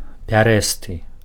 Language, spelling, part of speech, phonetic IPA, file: Belarusian, пярэсты, adjective, [pʲaˈrɛstɨ], Be-пярэсты.ogg
- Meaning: variegated